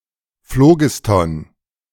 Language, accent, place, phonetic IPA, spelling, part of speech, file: German, Germany, Berlin, [ˈfloːɡɪstɔn], Phlogiston, noun, De-Phlogiston.ogg
- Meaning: phlogiston